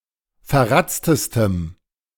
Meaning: strong dative masculine/neuter singular superlative degree of verratzt
- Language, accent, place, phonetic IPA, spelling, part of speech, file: German, Germany, Berlin, [fɛɐ̯ˈʁat͡stəstəm], verratztestem, adjective, De-verratztestem.ogg